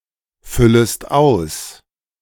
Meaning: second-person singular subjunctive I of ausfüllen
- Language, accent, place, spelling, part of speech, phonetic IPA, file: German, Germany, Berlin, füllest aus, verb, [ˌfʏləst ˈaʊ̯s], De-füllest aus.ogg